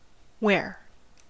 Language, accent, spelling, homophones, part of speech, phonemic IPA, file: English, General American, ware, wear / weir / were, noun / adjective / verb, /ˈwɛɹ/, En-us-ware.ogg
- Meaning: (noun) 1. Goods or a type of goods offered for sale or use 2. See wares 3. Pottery or metal goods 4. A style or genre of artifact 5. Crockery; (adjective) Aware